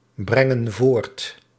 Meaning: inflection of voortbrengen: 1. plural present indicative 2. plural present subjunctive
- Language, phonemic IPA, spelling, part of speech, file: Dutch, /ˈbrɛŋə(n) ˈvort/, brengen voort, verb, Nl-brengen voort.ogg